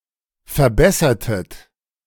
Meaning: inflection of verbessern: 1. second-person plural preterite 2. second-person plural subjunctive II
- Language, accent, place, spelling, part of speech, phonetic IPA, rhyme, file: German, Germany, Berlin, verbessertet, verb, [fɛɐ̯ˈbɛsɐtət], -ɛsɐtət, De-verbessertet.ogg